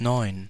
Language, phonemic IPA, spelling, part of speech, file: German, /nɔʏ̯n/, neun, numeral, De-neun.ogg
- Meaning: nine